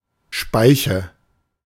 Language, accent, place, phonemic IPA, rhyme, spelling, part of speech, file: German, Germany, Berlin, /ˈʃpaɪ̯çə/, -aɪ̯çə, Speiche, noun, De-Speiche.ogg
- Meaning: 1. spoke 2. radius